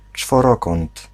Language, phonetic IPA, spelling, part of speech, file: Polish, [t͡ʃfɔˈrɔkɔ̃nt], czworokąt, noun, Pl-czworokąt.ogg